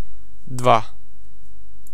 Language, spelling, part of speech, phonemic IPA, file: Serbo-Croatian, dva, numeral, /dʋâː/, Sr-dva.ogg
- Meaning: two